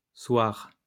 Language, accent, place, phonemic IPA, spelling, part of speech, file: French, France, Lyon, /swaʁ/, soirs, noun, LL-Q150 (fra)-soirs.wav
- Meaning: plural of soir